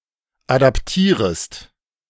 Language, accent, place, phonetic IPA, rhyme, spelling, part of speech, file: German, Germany, Berlin, [ˌadapˈtiːʁəst], -iːʁəst, adaptierest, verb, De-adaptierest.ogg
- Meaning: second-person singular subjunctive I of adaptieren